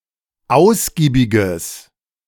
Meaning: strong/mixed nominative/accusative neuter singular of ausgiebig
- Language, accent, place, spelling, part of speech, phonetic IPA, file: German, Germany, Berlin, ausgiebiges, adjective, [ˈaʊ̯sɡiːbɪɡəs], De-ausgiebiges.ogg